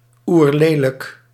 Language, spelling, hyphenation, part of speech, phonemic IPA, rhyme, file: Dutch, oerlelijk, oer‧le‧lijk, adjective, /ˌurˈleː.lək/, -eːlək, Nl-oerlelijk.ogg
- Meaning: extremely ugly, hideous, fugly